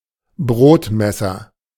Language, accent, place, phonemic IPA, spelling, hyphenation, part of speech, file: German, Germany, Berlin, /ˈbʁoːtmɛsɐ/, Brotmesser, Brot‧mes‧ser, noun, De-Brotmesser.ogg
- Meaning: bread knife